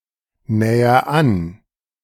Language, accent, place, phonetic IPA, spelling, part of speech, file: German, Germany, Berlin, [ˌnɛːɐ ˈan], näher an, verb, De-näher an.ogg
- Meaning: inflection of annähern: 1. first-person singular present 2. singular imperative